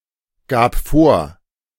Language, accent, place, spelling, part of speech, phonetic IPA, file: German, Germany, Berlin, gab vor, verb, [ˌɡaːp ˈfoːɐ̯], De-gab vor.ogg
- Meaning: first/third-person singular preterite of vorgeben